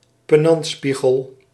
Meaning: long, narrow mirror to be placed on a pier (on a wall, between doors or windows)
- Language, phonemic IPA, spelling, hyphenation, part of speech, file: Dutch, /pəˈnɑntˌspi.ɣəl/, penantspiegel, pe‧nant‧spie‧gel, noun, Nl-penantspiegel.ogg